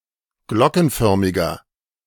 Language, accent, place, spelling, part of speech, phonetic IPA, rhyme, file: German, Germany, Berlin, glockenförmiger, adjective, [ˈɡlɔkn̩ˌfœʁmɪɡɐ], -ɔkn̩fœʁmɪɡɐ, De-glockenförmiger.ogg
- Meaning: inflection of glockenförmig: 1. strong/mixed nominative masculine singular 2. strong genitive/dative feminine singular 3. strong genitive plural